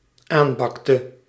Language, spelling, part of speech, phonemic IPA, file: Dutch, aanbakte, verb, /ˈambɑktə/, Nl-aanbakte.ogg
- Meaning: inflection of aanbakken: 1. singular dependent-clause past indicative 2. singular dependent-clause past subjunctive